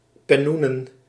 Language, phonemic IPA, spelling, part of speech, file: Dutch, /pɛˈnunə(n)/, pennoenen, noun, Nl-pennoenen.ogg
- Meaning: plural of pennoen